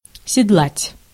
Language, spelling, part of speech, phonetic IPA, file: Russian, седлать, verb, [sʲɪdˈɫatʲ], Ru-седлать.ogg
- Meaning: to saddle, to put on a halter